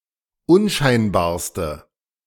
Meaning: inflection of unscheinbar: 1. strong/mixed nominative/accusative feminine singular superlative degree 2. strong nominative/accusative plural superlative degree
- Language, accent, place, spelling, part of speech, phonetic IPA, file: German, Germany, Berlin, unscheinbarste, adjective, [ˈʊnˌʃaɪ̯nbaːɐ̯stə], De-unscheinbarste.ogg